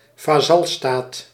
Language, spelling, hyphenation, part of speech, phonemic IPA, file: Dutch, vazalstaat, va‧zal‧staat, noun, /vaːˈzɑlˌstaːt/, Nl-vazalstaat.ogg
- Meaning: a vassal state (state that is subject to another power)